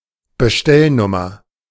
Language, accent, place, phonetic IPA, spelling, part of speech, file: German, Germany, Berlin, [bəˈʃtɛlˌnʊmɐ], Bestellnummer, noun, De-Bestellnummer.ogg
- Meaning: Order number or code, such as in a product catalog